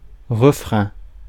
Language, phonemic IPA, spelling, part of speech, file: French, /ʁə.fʁɛ̃/, refrain, noun, Fr-refrain.ogg
- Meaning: refrain, chorus